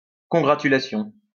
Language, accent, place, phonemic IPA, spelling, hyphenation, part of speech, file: French, France, Lyon, /kɔ̃.ɡʁa.ty.la.sjɔ̃/, congratulation, con‧gra‧tu‧la‧tion, noun, LL-Q150 (fra)-congratulation.wav
- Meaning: congratulation